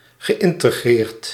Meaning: past participle of integreren
- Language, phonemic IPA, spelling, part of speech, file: Dutch, /ɣəˌʔɪntəˈɣrert/, geïntegreerd, verb / adjective, Nl-geïntegreerd.ogg